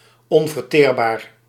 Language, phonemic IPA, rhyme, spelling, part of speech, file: Dutch, /ˌɔn.vərˈteːr.baːr/, -eːrbaːr, onverteerbaar, adjective, Nl-onverteerbaar.ogg
- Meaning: indigestible, stodgy